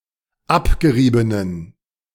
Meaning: inflection of abgerieben: 1. strong genitive masculine/neuter singular 2. weak/mixed genitive/dative all-gender singular 3. strong/weak/mixed accusative masculine singular 4. strong dative plural
- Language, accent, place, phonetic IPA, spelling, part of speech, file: German, Germany, Berlin, [ˈapɡəˌʁiːbənən], abgeriebenen, adjective, De-abgeriebenen.ogg